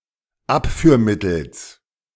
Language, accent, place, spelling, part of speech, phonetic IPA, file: German, Germany, Berlin, Abführmittels, noun, [ˈapfyːɐ̯ˌmɪtl̩s], De-Abführmittels.ogg
- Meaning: genitive singular of Abführmittel